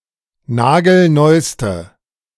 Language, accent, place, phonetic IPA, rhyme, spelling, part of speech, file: German, Germany, Berlin, [ˈnaːɡl̩ˈnɔɪ̯stə], -ɔɪ̯stə, nagelneuste, adjective, De-nagelneuste.ogg
- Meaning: inflection of nagelneu: 1. strong/mixed nominative/accusative feminine singular superlative degree 2. strong nominative/accusative plural superlative degree